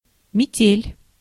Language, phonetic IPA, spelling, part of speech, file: Russian, [mʲɪˈtʲelʲ], метель, noun, Ru-метель.ogg
- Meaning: blizzard, snowstorm (verbal noun of мести́ (mestí) (nomen actionis instantiae; nomen agentis (compare капе́ль (kapélʹ))))